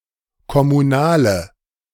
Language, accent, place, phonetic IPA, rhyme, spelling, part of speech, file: German, Germany, Berlin, [kɔmuˈnaːlə], -aːlə, kommunale, adjective, De-kommunale.ogg
- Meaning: inflection of kommunal: 1. strong/mixed nominative/accusative feminine singular 2. strong nominative/accusative plural 3. weak nominative all-gender singular